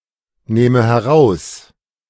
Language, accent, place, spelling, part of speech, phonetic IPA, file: German, Germany, Berlin, nähme heraus, verb, [ˌnɛːmə hɛˈʁaʊ̯s], De-nähme heraus.ogg
- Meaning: first/third-person singular subjunctive II of herausnehmen